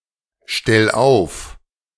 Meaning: 1. singular imperative of aufstellen 2. first-person singular present of aufstellen
- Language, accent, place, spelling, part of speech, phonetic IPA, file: German, Germany, Berlin, stell auf, verb, [ˌʃtɛl ˈaʊ̯f], De-stell auf.ogg